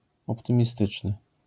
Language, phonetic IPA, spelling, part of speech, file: Polish, [ˌɔptɨ̃mʲiˈstɨt͡ʃnɨ], optymistyczny, adjective, LL-Q809 (pol)-optymistyczny.wav